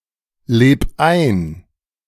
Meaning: 1. singular imperative of einleben 2. first-person singular present of einleben
- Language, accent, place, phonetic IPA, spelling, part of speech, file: German, Germany, Berlin, [ˌleːp ˈaɪ̯n], leb ein, verb, De-leb ein.ogg